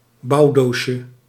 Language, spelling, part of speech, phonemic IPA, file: Dutch, bouwdoosje, noun, /ˈbɑudoʃə/, Nl-bouwdoosje.ogg
- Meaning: diminutive of bouwdoos